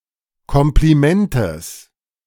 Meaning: genitive singular of Kompliment
- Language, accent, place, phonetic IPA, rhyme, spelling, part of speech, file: German, Germany, Berlin, [ˌkɔmpliˈmɛntəs], -ɛntəs, Komplimentes, noun, De-Komplimentes.ogg